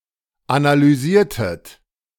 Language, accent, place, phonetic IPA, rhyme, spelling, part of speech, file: German, Germany, Berlin, [analyˈziːɐ̯tət], -iːɐ̯tət, analysiertet, verb, De-analysiertet.ogg
- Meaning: inflection of analysieren: 1. second-person plural preterite 2. second-person plural subjunctive II